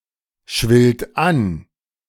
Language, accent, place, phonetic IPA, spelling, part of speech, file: German, Germany, Berlin, [ˌʃvɪlt ˈan], schwillt an, verb, De-schwillt an.ogg
- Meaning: third-person singular present of anschwellen